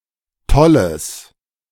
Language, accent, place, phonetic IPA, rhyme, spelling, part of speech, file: German, Germany, Berlin, [ˈtɔləs], -ɔləs, tolles, adjective, De-tolles.ogg
- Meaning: strong/mixed nominative/accusative neuter singular of toll